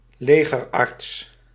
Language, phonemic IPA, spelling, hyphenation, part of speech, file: Dutch, /ˈleː.ɣərˌɑrts/, legerarts, le‧ger‧arts, noun, Nl-legerarts.ogg
- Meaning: an army doctor (medical doctor)